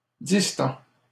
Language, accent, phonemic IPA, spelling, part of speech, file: French, Canada, /dis.tɑ̃/, distends, verb, LL-Q150 (fra)-distends.wav
- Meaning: inflection of distendre: 1. first/second-person singular present indicative 2. second-person singular imperative